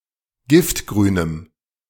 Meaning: strong dative masculine/neuter singular of giftgrün
- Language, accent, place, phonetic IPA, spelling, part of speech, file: German, Germany, Berlin, [ˈɡɪftɡʁyːnəm], giftgrünem, adjective, De-giftgrünem.ogg